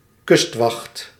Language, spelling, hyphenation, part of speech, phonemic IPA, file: Dutch, kustwacht, kust‧wacht, noun, /ˈkʏstwɑxt/, Nl-kustwacht.ogg
- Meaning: coast guard